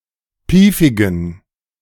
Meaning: inflection of piefig: 1. strong genitive masculine/neuter singular 2. weak/mixed genitive/dative all-gender singular 3. strong/weak/mixed accusative masculine singular 4. strong dative plural
- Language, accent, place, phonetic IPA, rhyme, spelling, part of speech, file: German, Germany, Berlin, [ˈpiːfɪɡn̩], -iːfɪɡn̩, piefigen, adjective, De-piefigen.ogg